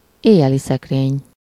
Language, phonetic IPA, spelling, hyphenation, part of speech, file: Hungarian, [ˈeːjːɛlisɛkreːɲ], éjjeliszekrény, éj‧je‧li‧szek‧rény, noun, Hu-éjjeliszekrény.ogg
- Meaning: nightstand (bedside table)